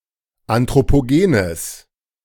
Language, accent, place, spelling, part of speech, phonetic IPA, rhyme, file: German, Germany, Berlin, anthropogenes, adjective, [ˌantʁopoˈɡeːnəs], -eːnəs, De-anthropogenes.ogg
- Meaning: strong/mixed nominative/accusative neuter singular of anthropogen